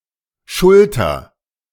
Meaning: inflection of schultern: 1. first-person singular present 2. singular imperative
- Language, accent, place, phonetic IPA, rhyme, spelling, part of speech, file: German, Germany, Berlin, [ˈʃʊltɐ], -ʊltɐ, schulter, verb, De-schulter.ogg